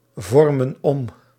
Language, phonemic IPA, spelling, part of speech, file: Dutch, /ˈvɔrmə(n) ˈɔm/, vormen om, verb, Nl-vormen om.ogg
- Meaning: inflection of omvormen: 1. plural present indicative 2. plural present subjunctive